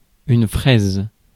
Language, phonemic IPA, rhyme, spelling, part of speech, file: French, /fʁɛz/, -ɛz, fraise, noun / verb, Fr-fraise.ogg
- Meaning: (noun) 1. strawberry 2. nipple 3. bulwark, palisade (defensive rampart of earth with sharpened wooden stakes set in at an angle) 4. calf's mesentery 5. fraise (ruff collar) 6. milling cutter